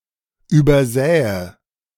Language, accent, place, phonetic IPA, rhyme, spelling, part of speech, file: German, Germany, Berlin, [ˌyːbɐˈzɛːə], -ɛːə, übersähe, verb, De-übersähe.ogg
- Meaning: first/third-person singular subjunctive II of übersehen